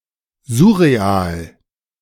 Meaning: surreal
- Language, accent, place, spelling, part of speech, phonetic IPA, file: German, Germany, Berlin, surreal, adjective, [ˈzʊʁeˌaːl], De-surreal.ogg